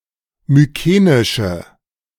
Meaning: inflection of mykenisch: 1. strong/mixed nominative/accusative feminine singular 2. strong nominative/accusative plural 3. weak nominative all-gender singular
- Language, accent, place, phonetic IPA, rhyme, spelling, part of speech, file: German, Germany, Berlin, [myˈkeːnɪʃə], -eːnɪʃə, mykenische, adjective, De-mykenische.ogg